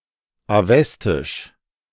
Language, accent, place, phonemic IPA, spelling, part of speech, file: German, Germany, Berlin, /aˈvɛstɪʃ/, Avestisch, proper noun, De-Avestisch.ogg
- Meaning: Avestan (Old Iranian language)